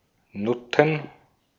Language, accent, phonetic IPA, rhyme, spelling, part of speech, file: German, Austria, [ˈnʊtn̩], -ʊtn̩, Nutten, noun, De-at-Nutten.ogg
- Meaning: plural of Nutte